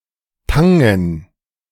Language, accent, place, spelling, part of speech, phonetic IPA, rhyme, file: German, Germany, Berlin, Tangen, noun, [ˈtaŋən], -aŋən, De-Tangen.ogg
- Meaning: dative plural of Tang